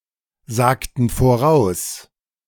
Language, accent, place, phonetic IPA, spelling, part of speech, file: German, Germany, Berlin, [ˌzaːktn̩ foˈʁaʊ̯s], sagten voraus, verb, De-sagten voraus.ogg
- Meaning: inflection of voraussagen: 1. first/third-person plural preterite 2. first/third-person plural subjunctive II